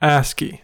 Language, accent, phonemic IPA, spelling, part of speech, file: English, US, /ˈæski/, ASCII, proper noun, En-us-ASCII.ogg
- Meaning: Acronym of American Standard Code for Information Interchange